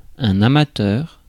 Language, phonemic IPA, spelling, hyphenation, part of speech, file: French, /a.ma.tœʁ/, amateur, a‧ma‧teur, noun / adjective, Fr-amateur.ogg
- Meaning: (noun) 1. lover of something 2. amateur; hobbyist; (adjective) amateur, amateurish